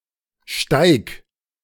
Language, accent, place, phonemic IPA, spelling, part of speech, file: German, Germany, Berlin, /ʃtaɪ̯k/, Steig, noun, De-Steig.ogg
- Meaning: 1. climb (steep upward path) 2. pass (in mountainous terrain) 3. footway, footpath